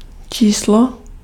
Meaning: 1. number 2. issue (issue of a magazine)
- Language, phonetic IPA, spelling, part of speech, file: Czech, [ˈt͡ʃiːslo], číslo, noun, Cs-číslo.ogg